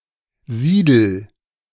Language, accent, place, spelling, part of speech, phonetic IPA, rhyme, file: German, Germany, Berlin, siedel, verb, [ˈziːdl̩], -iːdl̩, De-siedel.ogg
- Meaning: inflection of siedeln: 1. first-person singular present 2. singular imperative